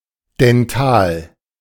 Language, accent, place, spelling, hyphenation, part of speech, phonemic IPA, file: German, Germany, Berlin, Dental, Den‧tal, noun, /dɛnˈtaːl/, De-Dental.ogg
- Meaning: dental